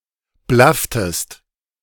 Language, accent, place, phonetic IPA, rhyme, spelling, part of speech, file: German, Germany, Berlin, [ˈblaftəst], -aftəst, blafftest, verb, De-blafftest.ogg
- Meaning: inflection of blaffen: 1. second-person singular preterite 2. second-person singular subjunctive II